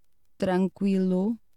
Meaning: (adjective) 1. calm; peaceful; tranquil (without motion or sound) 2. calm, tranquil (free from emotional or mental disturbance); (interjection) OK; no problem; all right
- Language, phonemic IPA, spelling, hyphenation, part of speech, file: Portuguese, /tɾɐ̃ˈkwi.lu/, tranquilo, tran‧qui‧lo, adjective / interjection, Pt-tranquilo.ogg